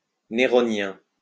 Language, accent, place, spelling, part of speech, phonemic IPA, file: French, France, Lyon, néronien, adjective, /ne.ʁɔ.njɛ̃/, LL-Q150 (fra)-néronien.wav
- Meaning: Neronian